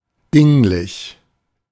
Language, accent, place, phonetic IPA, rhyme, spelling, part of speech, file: German, Germany, Berlin, [ˈdɪŋlɪç], -ɪŋlɪç, dinglich, adjective, De-dinglich.ogg
- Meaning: concrete, physical, nonabstract